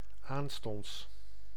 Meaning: 1. soon 2. directly, immediately
- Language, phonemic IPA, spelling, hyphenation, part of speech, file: Dutch, /aːnstɔnts/, aanstonds, aan‧stonds, adverb, Nl-aanstonds.ogg